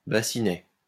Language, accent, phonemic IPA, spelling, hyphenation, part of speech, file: French, France, /ba.si.nɛ/, bassinet, bas‧si‧net, noun, LL-Q150 (fra)-bassinet.wav
- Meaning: diminutive of bassin